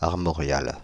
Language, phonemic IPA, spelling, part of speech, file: French, /aʁ.mɔ.ʁjal/, armorial, adjective, Fr-armorial.ogg
- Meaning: armorial